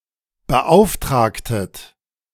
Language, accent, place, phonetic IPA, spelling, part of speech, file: German, Germany, Berlin, [bəˈʔaʊ̯fˌtʁaːktət], beauftragtet, verb, De-beauftragtet.ogg
- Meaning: inflection of beauftragen: 1. second-person plural preterite 2. second-person plural subjunctive II